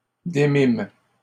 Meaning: first-person plural past historic of démettre
- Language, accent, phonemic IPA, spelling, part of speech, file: French, Canada, /de.mim/, démîmes, verb, LL-Q150 (fra)-démîmes.wav